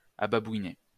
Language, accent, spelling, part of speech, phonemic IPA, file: French, France, ababouiné, adjective, /a.ba.bwi.ne/, LL-Q150 (fra)-ababouiné.wav
- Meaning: Said of a boat stopped by water's stillness; becalmed